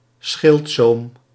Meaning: bordure
- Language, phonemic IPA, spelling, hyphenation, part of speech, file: Dutch, /ˈsxɪlt.soːm/, schildzoom, schild‧zoom, noun, Nl-schildzoom.ogg